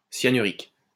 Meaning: cyanuric
- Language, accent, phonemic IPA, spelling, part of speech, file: French, France, /sja.ny.ʁik/, cyanurique, adjective, LL-Q150 (fra)-cyanurique.wav